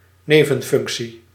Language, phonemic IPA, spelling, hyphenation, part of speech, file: Dutch, /ˈneː.və(n)ˌfʏŋk.si/, nevenfunctie, ne‧ven‧func‧tie, noun, Nl-nevenfunctie.ogg
- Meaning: secondary job; ancillary position